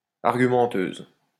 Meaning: feminine singular of argumenteur
- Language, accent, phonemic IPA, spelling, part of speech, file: French, France, /aʁ.ɡy.mɑ̃.tøz/, argumenteuse, adjective, LL-Q150 (fra)-argumenteuse.wav